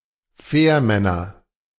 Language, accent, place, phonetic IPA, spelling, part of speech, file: German, Germany, Berlin, [ˈfɛːɐ̯ˌmɛnɐ], Fährmänner, noun, De-Fährmänner.ogg
- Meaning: nominative/accusative/genitive plural of Fährmann